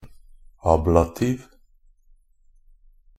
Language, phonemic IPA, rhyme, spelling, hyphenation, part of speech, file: Norwegian Bokmål, /ˈɑːblatiːʋ/, -iːʋ, ablativ, ab‧la‧tiv, noun / adjective, NB - Pronunciation of Norwegian Bokmål «ablativ».ogg
- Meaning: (noun) the ablative case (the fundamental meaning of the case being removal, separation, or taking away); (adjective) ablative (relating to the erosion of a land mass)